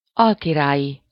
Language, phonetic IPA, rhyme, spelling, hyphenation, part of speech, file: Hungarian, [ˈɒlkiraːji], -ji, alkirályi, al‧ki‧rá‧lyi, adjective, Hu-alkirályi.ogg
- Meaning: viceregal (of, or pertaining to, a viceroy)